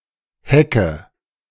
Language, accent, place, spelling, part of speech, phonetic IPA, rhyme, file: German, Germany, Berlin, hecke, verb, [ˈhɛkə], -ɛkə, De-hecke.ogg
- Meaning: inflection of hecken: 1. first-person singular present 2. first/third-person singular subjunctive I 3. singular imperative